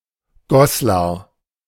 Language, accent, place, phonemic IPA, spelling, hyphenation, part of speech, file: German, Germany, Berlin, /ˈɡɔslaʁ/, Goslar, Gos‧lar, proper noun, De-Goslar.ogg
- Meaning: a town and rural district of Lower Saxony